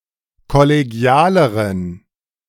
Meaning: inflection of kollegial: 1. strong genitive masculine/neuter singular comparative degree 2. weak/mixed genitive/dative all-gender singular comparative degree
- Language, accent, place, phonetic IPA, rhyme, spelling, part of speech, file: German, Germany, Berlin, [kɔleˈɡi̯aːləʁən], -aːləʁən, kollegialeren, adjective, De-kollegialeren.ogg